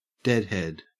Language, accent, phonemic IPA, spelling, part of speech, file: English, Australia, /ˈdɛdhɛd/, Deadhead, noun, En-au-Deadhead.ogg
- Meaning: A fan of the rock band Grateful Dead